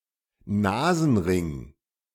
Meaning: nose ring
- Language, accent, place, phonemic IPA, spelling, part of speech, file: German, Germany, Berlin, /ˈnaːzn̩ˌʁɪŋ/, Nasenring, noun, De-Nasenring.ogg